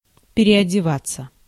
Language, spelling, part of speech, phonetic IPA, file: Russian, переодеваться, verb, [pʲɪrʲɪədʲɪˈvat͡sːə], Ru-переодеваться.ogg
- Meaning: 1. to change (clothing) 2. passive of переодева́ть (pereodevátʹ)